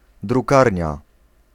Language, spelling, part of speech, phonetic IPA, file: Polish, drukarnia, noun, [druˈkarʲɲa], Pl-drukarnia.ogg